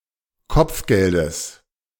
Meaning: genitive singular of Kopfgeld
- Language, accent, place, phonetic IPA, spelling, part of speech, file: German, Germany, Berlin, [ˈkɔp͡fˌɡɛldəs], Kopfgeldes, noun, De-Kopfgeldes.ogg